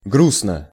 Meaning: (adverb) sadly; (adjective) short neuter singular of гру́стный (grústnyj)
- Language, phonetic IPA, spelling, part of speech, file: Russian, [ˈɡrusnə], грустно, adverb / adjective, Ru-грустно.ogg